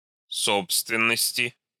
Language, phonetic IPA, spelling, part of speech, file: Russian, [ˈsopstvʲɪn(ː)əsʲtʲɪ], собственности, noun, Ru-собственности.ogg
- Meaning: inflection of со́бственность (sóbstvennostʹ): 1. genitive/dative/prepositional singular 2. nominative/accusative plural